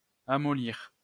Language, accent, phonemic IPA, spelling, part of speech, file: French, France, /a.mɔ.liʁ/, amollir, verb, LL-Q150 (fra)-amollir.wav
- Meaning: to soften